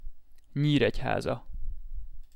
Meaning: a city in Hungary
- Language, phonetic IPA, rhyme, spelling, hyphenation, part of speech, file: Hungarian, [ˈɲiːrɛchaːzɒ], -zɒ, Nyíregyháza, Nyír‧egy‧há‧za, proper noun, Hu-Nyíregyháza.ogg